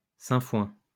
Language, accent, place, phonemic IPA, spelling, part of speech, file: French, France, Lyon, /sɛ̃.fwɛ̃/, sainfoin, noun, LL-Q150 (fra)-sainfoin.wav
- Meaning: sainfoin